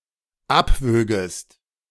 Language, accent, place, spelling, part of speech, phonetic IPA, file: German, Germany, Berlin, abwögest, verb, [ˈapˌvøːɡəst], De-abwögest.ogg
- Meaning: second-person singular dependent subjunctive II of abwiegen